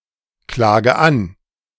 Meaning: inflection of anklagen: 1. first-person singular present 2. first/third-person singular subjunctive I 3. singular imperative
- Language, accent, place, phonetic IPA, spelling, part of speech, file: German, Germany, Berlin, [ˌklaːɡə ˈan], klage an, verb, De-klage an.ogg